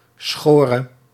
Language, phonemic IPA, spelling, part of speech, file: Dutch, /ˈsxorə/, schore, noun / verb, Nl-schore.ogg
- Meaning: singular past subjunctive of scheren